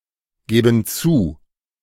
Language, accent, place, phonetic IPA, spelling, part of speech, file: German, Germany, Berlin, [ˌɡeːbn̩ ˈt͡suː], geben zu, verb, De-geben zu.ogg
- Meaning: inflection of zugeben: 1. first/third-person plural present 2. first/third-person plural subjunctive I